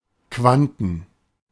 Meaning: 1. plural of Quant 2. (big) feet
- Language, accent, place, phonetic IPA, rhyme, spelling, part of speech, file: German, Germany, Berlin, [ˈkvantn̩], -antn̩, Quanten, noun, De-Quanten.ogg